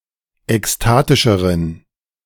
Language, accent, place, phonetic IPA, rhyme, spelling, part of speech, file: German, Germany, Berlin, [ɛksˈtaːtɪʃəʁən], -aːtɪʃəʁən, ekstatischeren, adjective, De-ekstatischeren.ogg
- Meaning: inflection of ekstatisch: 1. strong genitive masculine/neuter singular comparative degree 2. weak/mixed genitive/dative all-gender singular comparative degree